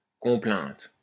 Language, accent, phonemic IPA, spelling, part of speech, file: French, France, /kɔ̃.plɛ̃t/, complainte, noun, LL-Q150 (fra)-complainte.wav
- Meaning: complaint, lament